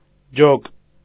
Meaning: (noun) 1. herd (of horses) 2. squad, section; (adjective) separate; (adverb) separately, severally
- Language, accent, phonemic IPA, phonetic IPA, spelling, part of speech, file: Armenian, Eastern Armenian, /d͡ʒok/, [d͡ʒok], ջոկ, noun / adjective / adverb, Hy-ջոկ.ogg